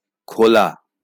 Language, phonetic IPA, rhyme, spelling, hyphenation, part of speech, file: Bengali, [ˈkʰola], -ola, খোলা, খো‧লা, verb / adjective / noun, LL-Q9610 (ben)-খোলা.wav
- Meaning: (verb) 1. to open 2. to take off clothes; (adjective) 1. open 2. unrestricted, free; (noun) an outer covering